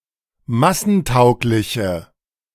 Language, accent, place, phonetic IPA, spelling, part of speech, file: German, Germany, Berlin, [ˈmasn̩ˌtaʊ̯klɪçə], massentaugliche, adjective, De-massentaugliche.ogg
- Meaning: inflection of massentauglich: 1. strong/mixed nominative/accusative feminine singular 2. strong nominative/accusative plural 3. weak nominative all-gender singular